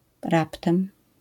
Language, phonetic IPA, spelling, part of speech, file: Polish, [ˈraptɛ̃m], raptem, adverb, LL-Q809 (pol)-raptem.wav